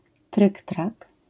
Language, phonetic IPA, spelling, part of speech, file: Polish, [ˈtrɨktrak], tryktrak, noun, LL-Q809 (pol)-tryktrak.wav